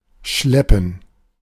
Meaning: 1. to tow; to haul; to drag 2. to carry (something heavy); to hump
- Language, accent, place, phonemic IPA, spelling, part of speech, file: German, Germany, Berlin, /ˈʃlɛpən/, schleppen, verb, De-schleppen.ogg